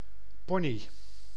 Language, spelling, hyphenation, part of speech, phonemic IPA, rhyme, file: Dutch, pony, po‧ny, noun, /ˈpɔ.ni/, -ɔni, Nl-pony.ogg
- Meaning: 1. a pony, small horse breed 2. a hairstyle with a fringe/bangs